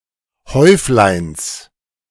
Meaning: genitive singular of Häuflein
- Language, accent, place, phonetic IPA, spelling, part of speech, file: German, Germany, Berlin, [ˈhɔɪ̯flaɪ̯ns], Häufleins, noun, De-Häufleins.ogg